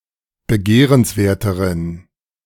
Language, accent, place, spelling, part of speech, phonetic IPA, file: German, Germany, Berlin, begehrenswerteren, adjective, [bəˈɡeːʁənsˌveːɐ̯təʁən], De-begehrenswerteren.ogg
- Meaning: inflection of begehrenswert: 1. strong genitive masculine/neuter singular comparative degree 2. weak/mixed genitive/dative all-gender singular comparative degree